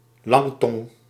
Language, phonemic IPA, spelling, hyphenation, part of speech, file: Dutch, /ˈlɑŋ.tɔŋ/, langtong, lang‧tong, noun, Nl-langtong.ogg
- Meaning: chatterbox, excessively talkative person